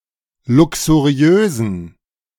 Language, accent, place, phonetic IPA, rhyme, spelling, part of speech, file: German, Germany, Berlin, [ˌlʊksuˈʁi̯øːzn̩], -øːzn̩, luxuriösen, adjective, De-luxuriösen.ogg
- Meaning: inflection of luxuriös: 1. strong genitive masculine/neuter singular 2. weak/mixed genitive/dative all-gender singular 3. strong/weak/mixed accusative masculine singular 4. strong dative plural